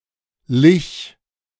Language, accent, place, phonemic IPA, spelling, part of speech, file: German, Germany, Berlin, /lɪç/, -lich, suffix, De--lich2.ogg
- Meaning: Used to form adjectives from verbs, to express that "something can be done with the person or thing described"